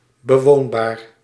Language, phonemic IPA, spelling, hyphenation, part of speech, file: Dutch, /bəˈʋoːn.baːr/, bewoonbaar, be‧woon‧baar, adjective, Nl-bewoonbaar.ogg
- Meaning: habitable, fit for inhabitation, where humans or other animals can live (or fairly comfortably)